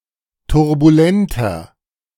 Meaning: 1. comparative degree of turbulent 2. inflection of turbulent: strong/mixed nominative masculine singular 3. inflection of turbulent: strong genitive/dative feminine singular
- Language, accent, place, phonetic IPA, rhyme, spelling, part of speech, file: German, Germany, Berlin, [tʊʁbuˈlɛntɐ], -ɛntɐ, turbulenter, adjective, De-turbulenter.ogg